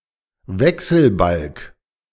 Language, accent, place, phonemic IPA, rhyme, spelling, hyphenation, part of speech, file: German, Germany, Berlin, /ˈvɛksəlˌbalk/, -alk, Wechselbalg, We‧chsel‧balg, noun, De-Wechselbalg.ogg
- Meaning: 1. changeling (an infant that was secretly exchanged for a mother's own baby by an evil creature) 2. child born out of wedlock